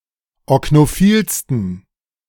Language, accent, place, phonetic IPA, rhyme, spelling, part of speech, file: German, Germany, Berlin, [ɔknoˈfiːlstn̩], -iːlstn̩, oknophilsten, adjective, De-oknophilsten.ogg
- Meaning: 1. superlative degree of oknophil 2. inflection of oknophil: strong genitive masculine/neuter singular superlative degree